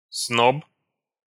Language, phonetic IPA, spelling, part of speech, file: Russian, [snop], сноб, noun, Ru-сноб.ogg
- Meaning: snob (person who seeks to be a member of the upper classes)